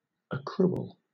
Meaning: 1. The act or process of accruing; accumulation 2. An increase; something that accumulates, especially an amount of money that periodically accumulates for a specific purpose
- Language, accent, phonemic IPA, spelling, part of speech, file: English, Southern England, /əˈkɹuːəl/, accrual, noun, LL-Q1860 (eng)-accrual.wav